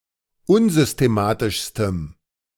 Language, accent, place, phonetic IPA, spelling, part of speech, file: German, Germany, Berlin, [ˈʊnzʏsteˌmaːtɪʃstəm], unsystematischstem, adjective, De-unsystematischstem.ogg
- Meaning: strong dative masculine/neuter singular superlative degree of unsystematisch